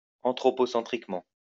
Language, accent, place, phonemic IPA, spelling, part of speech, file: French, France, Lyon, /ɑ̃.tʁɔ.pɔ.sɑ̃.tʁik.mɑ̃/, anthropocentriquement, adverb, LL-Q150 (fra)-anthropocentriquement.wav
- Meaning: anthropocentrically